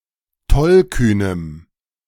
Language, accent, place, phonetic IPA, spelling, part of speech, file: German, Germany, Berlin, [ˈtɔlˌkyːnəm], tollkühnem, adjective, De-tollkühnem.ogg
- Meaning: strong dative masculine/neuter singular of tollkühn